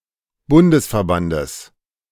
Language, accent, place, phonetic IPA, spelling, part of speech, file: German, Germany, Berlin, [ˈbʊndəsfɛɐ̯ˌbandəs], Bundesverbandes, noun, De-Bundesverbandes.ogg
- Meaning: genitive singular of Bundesverband